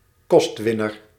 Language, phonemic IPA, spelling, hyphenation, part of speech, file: Dutch, /ˈkɔstˌʋɪ.nər/, kostwinner, kost‧win‧ner, noun, Nl-kostwinner.ogg
- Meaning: breadwinner